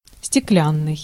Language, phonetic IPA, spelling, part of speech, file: Russian, [sʲtʲɪˈklʲanːɨj], стеклянный, adjective, Ru-стеклянный.ogg
- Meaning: glass, glassy, vitreous (made of or resembling glass)